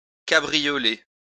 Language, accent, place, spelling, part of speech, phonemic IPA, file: French, France, Lyon, cabrioler, verb, /ka.bʁi.jɔ.le/, LL-Q150 (fra)-cabrioler.wav
- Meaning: to caper, cavort